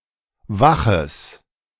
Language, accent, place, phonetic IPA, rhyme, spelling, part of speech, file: German, Germany, Berlin, [ˈvaxəs], -axəs, waches, adjective, De-waches.ogg
- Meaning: strong/mixed nominative/accusative neuter singular of wach